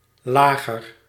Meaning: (noun) 1. bearing (a metal block or other construction holding a rotating axis in position) 2. beer of low fermentation 3. laager (wagon fort used by Boers, especially Voortrekkers)
- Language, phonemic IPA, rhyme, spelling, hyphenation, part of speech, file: Dutch, /ˈlaː.ɣər/, -aːɣər, lager, la‧ger, noun / adjective, Nl-lager.ogg